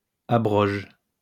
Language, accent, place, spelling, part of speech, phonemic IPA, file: French, France, Lyon, abroge, verb, /a.bʁɔʒ/, LL-Q150 (fra)-abroge.wav
- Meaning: inflection of abroger: 1. first/third-person singular present indicative/subjunctive 2. second-person singular imperative